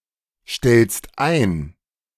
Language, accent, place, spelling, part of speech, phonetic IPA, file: German, Germany, Berlin, stellst ein, verb, [ˌʃtɛlst ˈaɪ̯n], De-stellst ein.ogg
- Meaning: second-person singular present of einstellen